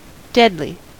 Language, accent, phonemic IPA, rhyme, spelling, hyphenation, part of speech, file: English, General American, /ˈdɛdli/, -ɛdli, deadly, dead‧ly, adjective / adverb, En-us-deadly.ogg
- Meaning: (adjective) 1. Subject to death; mortal 2. Causing death; lethal 3. Aiming or willing to destroy; implacable; desperately hostile 4. Very accurate (of aiming with a bow, firearm, etc.) 5. Very boring